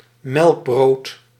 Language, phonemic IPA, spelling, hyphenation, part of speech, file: Dutch, /ˈmɛlk.broːt/, melkbrood, melk‧brood, noun, Nl-melkbrood.ogg
- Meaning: any bread whose dough has milk as an ingredient